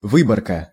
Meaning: selection, excerption, sampling
- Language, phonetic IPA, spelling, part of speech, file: Russian, [ˈvɨbərkə], выборка, noun, Ru-выборка.ogg